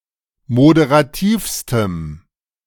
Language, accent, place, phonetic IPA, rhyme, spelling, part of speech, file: German, Germany, Berlin, [modeʁaˈtiːfstəm], -iːfstəm, moderativstem, adjective, De-moderativstem.ogg
- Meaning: strong dative masculine/neuter singular superlative degree of moderativ